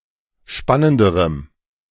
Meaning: strong dative masculine/neuter singular comparative degree of spannend
- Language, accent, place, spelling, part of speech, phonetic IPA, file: German, Germany, Berlin, spannenderem, adjective, [ˈʃpanəndəʁəm], De-spannenderem.ogg